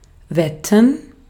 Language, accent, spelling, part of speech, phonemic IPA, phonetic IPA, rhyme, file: German, Austria, wetten, verb, /ˈvɛtən/, [ˈvɛtn̩], -ɛtn̩, De-at-wetten.ogg
- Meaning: 1. to bet 2. to bet, guess (that something is the case with certainty)